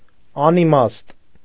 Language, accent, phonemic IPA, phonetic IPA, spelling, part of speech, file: Armenian, Eastern Armenian, /ɑniˈmɑst/, [ɑnimɑ́st], անիմաստ, adjective, Hy-անիմաստ.ogg
- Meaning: 1. meaningless, unmeaning; nonsensical 2. pointless, senseless